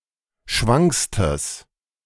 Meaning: strong/mixed nominative/accusative neuter singular superlative degree of schwank
- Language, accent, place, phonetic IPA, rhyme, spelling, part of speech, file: German, Germany, Berlin, [ˈʃvaŋkstəs], -aŋkstəs, schwankstes, adjective, De-schwankstes.ogg